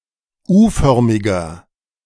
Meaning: inflection of U-förmig: 1. strong/mixed nominative masculine singular 2. strong genitive/dative feminine singular 3. strong genitive plural
- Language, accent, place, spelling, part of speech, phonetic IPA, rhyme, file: German, Germany, Berlin, U-förmiger, adjective, [ˈuːˌfœʁmɪɡɐ], -uːfœʁmɪɡɐ, De-U-förmiger.ogg